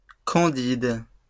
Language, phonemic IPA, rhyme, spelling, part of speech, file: French, /kɑ̃.did/, -id, candide, adjective / noun, LL-Q150 (fra)-candide.wav
- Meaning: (adjective) 1. candid, frank 2. naive, overtrusting; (noun) 1. a candid person 2. a mountain clouded yellow (Colias phicomone), a butterfly of Europe